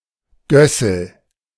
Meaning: gosling
- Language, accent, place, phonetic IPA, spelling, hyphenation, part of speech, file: German, Germany, Berlin, [ˈɡœsl̩], Gössel, Gös‧sel, noun, De-Gössel.ogg